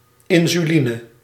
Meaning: insulin
- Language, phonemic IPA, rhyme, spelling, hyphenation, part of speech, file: Dutch, /ˌɪnzyˈlinə/, -inə, insuline, in‧su‧li‧ne, noun, Nl-insuline.ogg